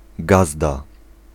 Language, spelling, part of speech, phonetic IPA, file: Polish, gazda, noun, [ˈɡazda], Pl-gazda.ogg